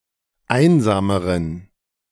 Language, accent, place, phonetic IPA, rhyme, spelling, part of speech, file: German, Germany, Berlin, [ˈaɪ̯nzaːməʁən], -aɪ̯nzaːməʁən, einsameren, adjective, De-einsameren.ogg
- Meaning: inflection of einsam: 1. strong genitive masculine/neuter singular comparative degree 2. weak/mixed genitive/dative all-gender singular comparative degree